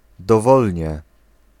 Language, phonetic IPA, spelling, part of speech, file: Polish, [dɔˈvɔlʲɲɛ], dowolnie, adverb, Pl-dowolnie.ogg